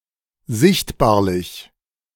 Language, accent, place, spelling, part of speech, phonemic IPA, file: German, Germany, Berlin, sichtbarlich, adjective, /ˈzɪçtbaːɐ̯lɪç/, De-sichtbarlich.ogg
- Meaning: visible